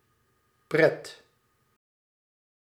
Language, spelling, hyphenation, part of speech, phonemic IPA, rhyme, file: Dutch, pret, pret, noun, /prɛt/, -ɛt, Nl-pret.ogg
- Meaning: fun